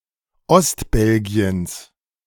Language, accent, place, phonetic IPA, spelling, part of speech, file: German, Germany, Berlin, [ˈɔstˌbɛlɡi̯əns], Ostbelgiens, noun, De-Ostbelgiens.ogg
- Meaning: genitive of Ostbelgien